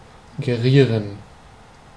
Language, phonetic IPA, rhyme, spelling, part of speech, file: German, [ɡeˈʁiːʁən], -iːʁən, gerieren, verb, De-gerieren.ogg
- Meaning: to behave in a certain way